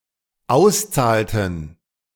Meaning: inflection of auszahlen: 1. first/third-person plural dependent preterite 2. first/third-person plural dependent subjunctive II
- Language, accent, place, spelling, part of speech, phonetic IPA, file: German, Germany, Berlin, auszahlten, verb, [ˈaʊ̯sˌt͡saːltn̩], De-auszahlten.ogg